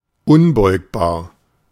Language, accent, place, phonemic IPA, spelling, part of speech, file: German, Germany, Berlin, /ˈʊnˌbɔɪ̯kbaːɐ̯/, unbeugbar, adjective, De-unbeugbar.ogg
- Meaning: uninflectable